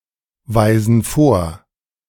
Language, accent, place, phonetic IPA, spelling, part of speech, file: German, Germany, Berlin, [ˌvaɪ̯zn̩ ˈfoːɐ̯], weisen vor, verb, De-weisen vor.ogg
- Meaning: inflection of vorweisen: 1. first/third-person plural present 2. first/third-person plural subjunctive I